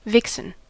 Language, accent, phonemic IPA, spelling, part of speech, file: English, US, /ˈvɪk.sən/, vixen, noun, En-us-vixen.ogg
- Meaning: 1. A female fox 2. A malicious, quarrelsome or temperamental woman 3. A racy or salacious woman who is sexually attractive; any attractive woman